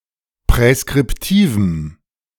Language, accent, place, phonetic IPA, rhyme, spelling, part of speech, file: German, Germany, Berlin, [pʁɛskʁɪpˈtiːvm̩], -iːvm̩, präskriptivem, adjective, De-präskriptivem.ogg
- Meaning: strong dative masculine/neuter singular of präskriptiv